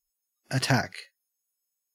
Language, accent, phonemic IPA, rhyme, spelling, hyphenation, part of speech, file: English, Australia, /əˈtæk/, -æk, attack, at‧tack, noun / verb / adjective, En-au-attack.ogg
- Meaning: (noun) An attempt to cause damage, injury to, or death of an opponent or enemy